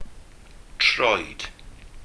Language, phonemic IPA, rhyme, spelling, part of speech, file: Welsh, /troːɨ̯d/, -oːɨ̯d, troed, noun / verb, Cy-troed.ogg
- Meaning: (noun) foot (part of body); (verb) preterite impersonal of troi